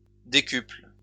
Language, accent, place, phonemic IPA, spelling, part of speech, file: French, France, Lyon, /de.kypl/, décuple, adjective / verb, LL-Q150 (fra)-décuple.wav
- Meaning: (adjective) tenfold; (verb) inflection of décupler: 1. first/third-person singular present indicative/subjunctive 2. second-person singular imperative